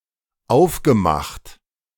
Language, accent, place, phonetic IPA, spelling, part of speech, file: German, Germany, Berlin, [ˈaʊ̯fɡəˌmaxt], aufgemacht, verb, De-aufgemacht.ogg
- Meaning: past participle of aufmachen